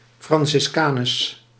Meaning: a Franciscan nun, a female Franciscan
- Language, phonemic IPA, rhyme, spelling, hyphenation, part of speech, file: Dutch, /ˌfrɑn.sɪs.kaːˈnɛs/, -ɛs, franciscanes, fran‧cis‧ca‧nes, noun, Nl-franciscanes.ogg